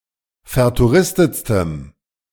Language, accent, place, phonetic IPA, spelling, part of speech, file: German, Germany, Berlin, [fɛɐ̯tuˈʁɪstət͡stəm], vertouristetstem, adjective, De-vertouristetstem.ogg
- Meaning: strong dative masculine/neuter singular superlative degree of vertouristet